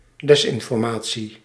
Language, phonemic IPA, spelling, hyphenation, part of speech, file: Dutch, /ˈdɛsɪnfɔrˌmaː(t)si/, desinformatie, des‧in‧for‧ma‧tie, noun, Nl-desinformatie.ogg
- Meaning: disinformation (dissemination of intentionally false information)